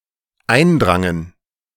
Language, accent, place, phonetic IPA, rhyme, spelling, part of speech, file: German, Germany, Berlin, [ˈaɪ̯nˌdʁaŋən], -aɪ̯ndʁaŋən, eindrangen, verb, De-eindrangen.ogg
- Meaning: first/third-person plural dependent preterite of eindringen